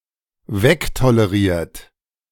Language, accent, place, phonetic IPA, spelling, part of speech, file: German, Germany, Berlin, [ˈvɛktoləˌʁiːɐ̯t], wegtoleriert, verb, De-wegtoleriert.ogg
- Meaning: past participle of wegtolerieren